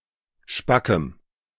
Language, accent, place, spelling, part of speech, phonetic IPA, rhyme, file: German, Germany, Berlin, spackem, adjective, [ˈʃpakəm], -akəm, De-spackem.ogg
- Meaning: strong dative masculine/neuter singular of spack